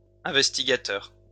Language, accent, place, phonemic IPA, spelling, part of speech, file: French, France, Lyon, /ɛ̃.vɛs.ti.ɡa.tœʁ/, investigateur, noun, LL-Q150 (fra)-investigateur.wav
- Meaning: investigator